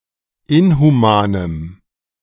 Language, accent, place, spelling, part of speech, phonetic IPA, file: German, Germany, Berlin, inhumanem, adjective, [ˈɪnhuˌmaːnəm], De-inhumanem.ogg
- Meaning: strong dative masculine/neuter singular of inhuman